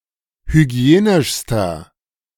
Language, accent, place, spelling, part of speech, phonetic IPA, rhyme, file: German, Germany, Berlin, hygienischster, adjective, [hyˈɡi̯eːnɪʃstɐ], -eːnɪʃstɐ, De-hygienischster.ogg
- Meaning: inflection of hygienisch: 1. strong/mixed nominative masculine singular superlative degree 2. strong genitive/dative feminine singular superlative degree 3. strong genitive plural superlative degree